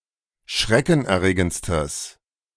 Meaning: strong/mixed nominative/accusative neuter singular superlative degree of schreckenerregend
- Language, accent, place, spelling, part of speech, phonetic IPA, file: German, Germany, Berlin, schreckenerregendstes, adjective, [ˈʃʁɛkn̩ʔɛɐ̯ˌʁeːɡənt͡stəs], De-schreckenerregendstes.ogg